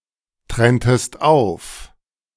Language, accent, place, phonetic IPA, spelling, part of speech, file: German, Germany, Berlin, [ˌtʁɛntəst ˈaʊ̯f], trenntest auf, verb, De-trenntest auf.ogg
- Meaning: inflection of auftrennen: 1. second-person singular preterite 2. second-person singular subjunctive II